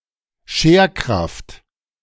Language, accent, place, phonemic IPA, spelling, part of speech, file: German, Germany, Berlin, /ˈʃeːɐ̯ˌkʁaft/, Scherkraft, noun, De-Scherkraft.ogg
- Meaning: shear force, shearing force